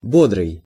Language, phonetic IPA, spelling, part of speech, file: Russian, [ˈbodrɨj], бодрый, adjective, Ru-бодрый.ogg
- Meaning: 1. cheerful 2. brisk 3. sprightly 4. awake 5. vigorous, vivacious